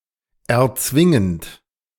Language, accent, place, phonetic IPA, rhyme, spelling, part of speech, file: German, Germany, Berlin, [ɛɐ̯ˈt͡svɪŋənt], -ɪŋənt, erzwingend, verb, De-erzwingend.ogg
- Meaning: present participle of erzwingen